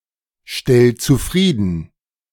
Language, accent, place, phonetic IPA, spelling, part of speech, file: German, Germany, Berlin, [ˌʃtɛl t͡suˈfʁiːdn̩], stell zufrieden, verb, De-stell zufrieden.ogg
- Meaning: 1. singular imperative of zufriedenstellen 2. first-person singular present of zufriedenstellen